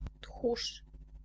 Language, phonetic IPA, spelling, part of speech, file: Polish, [txuʃ], tchórz, noun, Pl-tchórz.ogg